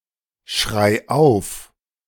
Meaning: singular imperative of aufschreien
- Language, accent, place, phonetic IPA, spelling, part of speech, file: German, Germany, Berlin, [ˌʃʁaɪ̯ ˈaʊ̯f], schrei auf, verb, De-schrei auf.ogg